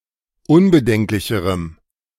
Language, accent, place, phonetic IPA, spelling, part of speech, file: German, Germany, Berlin, [ˈʊnbəˌdɛŋklɪçəʁəm], unbedenklicherem, adjective, De-unbedenklicherem.ogg
- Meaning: strong dative masculine/neuter singular comparative degree of unbedenklich